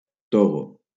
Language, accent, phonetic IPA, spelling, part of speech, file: Catalan, Valencia, [ˈto.ɣo], Togo, proper noun, LL-Q7026 (cat)-Togo.wav
- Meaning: Togo (a country in West Africa)